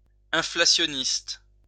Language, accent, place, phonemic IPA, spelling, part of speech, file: French, France, Lyon, /ɛ̃.fla.sjɔ.nist/, inflationniste, adjective, LL-Q150 (fra)-inflationniste.wav
- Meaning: inflationist, inflationary